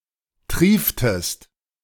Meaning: inflection of triefen: 1. second-person singular preterite 2. second-person singular subjunctive II
- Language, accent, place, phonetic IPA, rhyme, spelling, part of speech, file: German, Germany, Berlin, [ˈtʁiːftəst], -iːftəst, trieftest, verb, De-trieftest.ogg